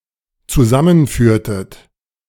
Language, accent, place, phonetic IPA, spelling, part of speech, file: German, Germany, Berlin, [t͡suˈzamənˌfyːɐ̯tət], zusammenführtet, verb, De-zusammenführtet.ogg
- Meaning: inflection of zusammenführen: 1. second-person plural dependent preterite 2. second-person plural dependent subjunctive II